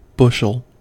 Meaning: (noun) A dry measure, containing four pecks, eight gallons, or thirty-two quarts; equivalent in volume to approximately 0.0364 cubic meters (imperial bushel) or 0.0352 cubic meters (U.S. bushel)
- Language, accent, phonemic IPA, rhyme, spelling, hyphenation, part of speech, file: English, US, /ˈbʊʃəl/, -ʊʃəl, bushel, bush‧el, noun / verb, En-us-bushel.ogg